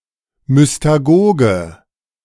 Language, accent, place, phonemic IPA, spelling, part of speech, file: German, Germany, Berlin, /mʏstaˈɡoːɡə/, Mystagoge, noun, De-Mystagoge.ogg
- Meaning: mystagogue